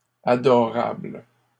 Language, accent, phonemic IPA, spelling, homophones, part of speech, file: French, Canada, /a.dɔ.ʁabl/, adorables, adorable, adjective, LL-Q150 (fra)-adorables.wav
- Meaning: plural of adorable